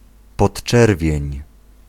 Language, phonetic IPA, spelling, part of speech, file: Polish, [pɔṭˈt͡ʃɛrvʲjɛ̇̃ɲ], podczerwień, noun, Pl-podczerwień.ogg